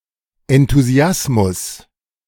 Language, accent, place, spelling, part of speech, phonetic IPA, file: German, Germany, Berlin, Enthusiasmus, noun, [ɛntuˈzi̯asmʊs], De-Enthusiasmus.ogg
- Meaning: enthusiasm